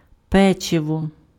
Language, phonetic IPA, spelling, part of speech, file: Ukrainian, [ˈpɛt͡ʃewɔ], печиво, noun, Uk-печиво.ogg
- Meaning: 1. cookies, biscuits; small sweet baked goods 2. cookie, biscuit 3. pastry (any baked item made from dough (historical or regional usage)) 4. roast meat (historical sense: baked meat dish)